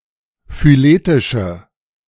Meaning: inflection of phyletisch: 1. strong/mixed nominative/accusative feminine singular 2. strong nominative/accusative plural 3. weak nominative all-gender singular
- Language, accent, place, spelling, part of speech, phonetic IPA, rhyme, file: German, Germany, Berlin, phyletische, adjective, [fyˈleːtɪʃə], -eːtɪʃə, De-phyletische.ogg